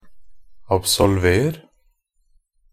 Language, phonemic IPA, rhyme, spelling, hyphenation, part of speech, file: Norwegian Bokmål, /absɔlˈʋeːr/, -eːr, absolver, ab‧sol‧ver, verb, NB - Pronunciation of Norwegian Bokmål «absolver».ogg
- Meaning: imperative of absolvere